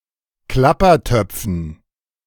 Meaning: dative plural of Klappertopf
- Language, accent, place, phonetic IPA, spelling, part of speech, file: German, Germany, Berlin, [ˈklapɐˌtœp͡fn̩], Klappertöpfen, noun, De-Klappertöpfen.ogg